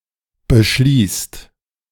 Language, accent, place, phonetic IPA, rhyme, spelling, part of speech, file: German, Germany, Berlin, [bəˈʃliːst], -iːst, beschließt, verb, De-beschließt.ogg
- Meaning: inflection of beschließen: 1. second/third-person singular present 2. second-person plural present 3. plural imperative